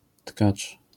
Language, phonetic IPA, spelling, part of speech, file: Polish, [tkat͡ʃ], tkacz, noun, LL-Q809 (pol)-tkacz.wav